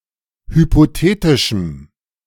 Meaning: strong dative masculine/neuter singular of hypothetisch
- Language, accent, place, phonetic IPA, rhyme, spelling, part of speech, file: German, Germany, Berlin, [hypoˈteːtɪʃm̩], -eːtɪʃm̩, hypothetischem, adjective, De-hypothetischem.ogg